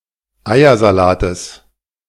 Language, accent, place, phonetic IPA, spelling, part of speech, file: German, Germany, Berlin, [ˈaɪ̯ɐzaˌlaːtəs], Eiersalates, noun, De-Eiersalates.ogg
- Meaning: genitive singular of Eiersalat